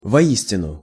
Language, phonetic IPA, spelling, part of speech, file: Russian, [vɐˈisʲtʲɪnʊ], воистину, adverb, Ru-воистину.ogg
- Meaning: 1. truly, in truth, indeed, verily 2. indeed